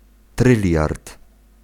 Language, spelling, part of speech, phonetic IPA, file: Polish, tryliard, noun, [ˈtrɨlʲjart], Pl-tryliard.ogg